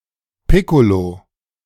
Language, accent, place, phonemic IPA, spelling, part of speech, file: German, Germany, Berlin, /ˈpɪkolo/, Piccolo, noun, De-Piccolo.ogg
- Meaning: piccolo (small bottle of wine, usually champagne)